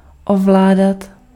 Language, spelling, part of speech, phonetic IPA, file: Czech, ovládat, verb, [ˈovlaːdat], Cs-ovládat.ogg
- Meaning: 1. to control 2. to control oneself 3. to dominate (to govern, rule or control by superior authority or power) 4. to know, to master (to learn to a high degree of proficiency)